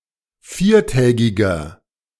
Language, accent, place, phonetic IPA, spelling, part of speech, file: German, Germany, Berlin, [ˈfiːɐ̯ˌtɛːɡɪɡɐ], viertägiger, adjective, De-viertägiger.ogg
- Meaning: inflection of viertägig: 1. strong/mixed nominative masculine singular 2. strong genitive/dative feminine singular 3. strong genitive plural